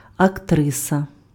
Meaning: actress
- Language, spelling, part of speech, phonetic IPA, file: Ukrainian, актриса, noun, [ɐkˈtrɪsɐ], Uk-актриса.ogg